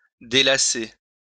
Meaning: to unlace (undo laces)
- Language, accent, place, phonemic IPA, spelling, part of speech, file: French, France, Lyon, /de.la.se/, délacer, verb, LL-Q150 (fra)-délacer.wav